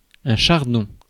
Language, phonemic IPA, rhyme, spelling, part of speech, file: French, /ʃaʁ.dɔ̃/, -ɔ̃, chardon, noun, Fr-chardon.ogg
- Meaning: 1. thistle 2. spikes (on wall etc.)